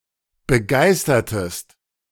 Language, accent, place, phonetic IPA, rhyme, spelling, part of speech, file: German, Germany, Berlin, [bəˈɡaɪ̯stɐtəst], -aɪ̯stɐtəst, begeistertest, verb, De-begeistertest.ogg
- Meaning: inflection of begeistern: 1. second-person singular preterite 2. second-person singular subjunctive II